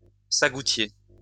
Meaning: sago palm
- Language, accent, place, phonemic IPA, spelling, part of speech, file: French, France, Lyon, /sa.ɡu.tje/, sagoutier, noun, LL-Q150 (fra)-sagoutier.wav